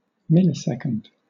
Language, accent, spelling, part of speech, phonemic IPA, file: English, Southern England, millisecond, noun, /ˈmɪlɪˌsɛkənd/, LL-Q1860 (eng)-millisecond.wav
- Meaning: An SI unit of time equal to 10⁻³ seconds. Symbol: ms